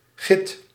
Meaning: 1. lignite 2. jet (black, gemstone-like geological material) 3. a stone made of this material
- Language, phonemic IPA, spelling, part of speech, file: Dutch, /ɣɪt/, git, noun, Nl-git.ogg